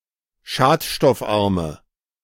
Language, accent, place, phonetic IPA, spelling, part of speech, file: German, Germany, Berlin, [ˈʃaːtʃtɔfˌʔaʁmə], schadstoffarme, adjective, De-schadstoffarme.ogg
- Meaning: inflection of schadstoffarm: 1. strong/mixed nominative/accusative feminine singular 2. strong nominative/accusative plural 3. weak nominative all-gender singular